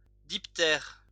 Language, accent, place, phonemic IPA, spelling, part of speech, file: French, France, Lyon, /dip.tɛʁ/, diptère, noun, LL-Q150 (fra)-diptère.wav
- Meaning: dipteran